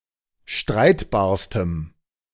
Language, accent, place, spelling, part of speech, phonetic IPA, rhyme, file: German, Germany, Berlin, streitbarstem, adjective, [ˈʃtʁaɪ̯tbaːɐ̯stəm], -aɪ̯tbaːɐ̯stəm, De-streitbarstem.ogg
- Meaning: strong dative masculine/neuter singular superlative degree of streitbar